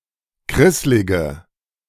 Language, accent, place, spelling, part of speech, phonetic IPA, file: German, Germany, Berlin, krisslige, adjective, [ˈkʁɪslɪɡə], De-krisslige.ogg
- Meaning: inflection of krisslig: 1. strong/mixed nominative/accusative feminine singular 2. strong nominative/accusative plural 3. weak nominative all-gender singular